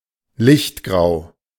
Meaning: light grey
- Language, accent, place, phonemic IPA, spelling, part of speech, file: German, Germany, Berlin, /ˈlɪçtˌɡʁaʊ̯/, lichtgrau, adjective, De-lichtgrau.ogg